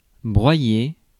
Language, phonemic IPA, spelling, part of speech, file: French, /bʁwa.je/, broyer, verb, Fr-broyer.ogg
- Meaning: 1. to crush, grind 2. to crush in a fight 3. to outpower